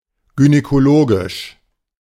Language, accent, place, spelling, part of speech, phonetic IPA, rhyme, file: German, Germany, Berlin, gynäkologisch, adjective, [ɡynɛkoˈloːɡɪʃ], -oːɡɪʃ, De-gynäkologisch.ogg
- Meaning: gynecological